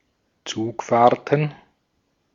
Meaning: plural of Zugfahrt
- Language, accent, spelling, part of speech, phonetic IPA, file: German, Austria, Zugfahrten, noun, [ˈt͡suːkˌfaːɐ̯tn̩], De-at-Zugfahrten.ogg